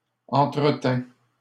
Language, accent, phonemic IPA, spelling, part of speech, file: French, Canada, /ɑ̃.tʁə.tɛ̃/, entretint, verb, LL-Q150 (fra)-entretint.wav
- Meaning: third-person singular past historic of entretenir